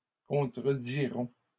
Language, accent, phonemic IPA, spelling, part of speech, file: French, Canada, /kɔ̃.tʁə.di.ʁɔ̃/, contrediront, verb, LL-Q150 (fra)-contrediront.wav
- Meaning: third-person plural future of contredire